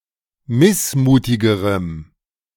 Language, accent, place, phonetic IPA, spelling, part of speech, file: German, Germany, Berlin, [ˈmɪsˌmuːtɪɡəʁəm], missmutigerem, adjective, De-missmutigerem.ogg
- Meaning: strong dative masculine/neuter singular comparative degree of missmutig